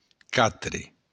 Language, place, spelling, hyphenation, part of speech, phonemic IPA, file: Occitan, Béarn, quatre, qua‧tre, numeral, /ˈka.tɾe/, LL-Q14185 (oci)-quatre.wav
- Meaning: four